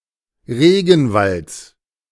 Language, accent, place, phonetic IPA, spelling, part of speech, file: German, Germany, Berlin, [ˈʁeːɡn̩ˌvalt͡s], Regenwalds, noun, De-Regenwalds.ogg
- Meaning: genitive singular of Regenwald